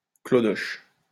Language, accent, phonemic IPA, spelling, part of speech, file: French, France, /klɔ.dɔʃ/, clodoche, noun, LL-Q150 (fra)-clodoche.wav
- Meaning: dated form of clodo